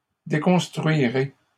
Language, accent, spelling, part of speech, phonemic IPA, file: French, Canada, déconstruirez, verb, /de.kɔ̃s.tʁɥi.ʁe/, LL-Q150 (fra)-déconstruirez.wav
- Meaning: second-person plural simple future of déconstruire